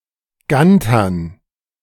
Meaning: dative plural of Ganter
- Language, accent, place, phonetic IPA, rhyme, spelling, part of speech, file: German, Germany, Berlin, [ˈɡantɐn], -antɐn, Gantern, noun, De-Gantern.ogg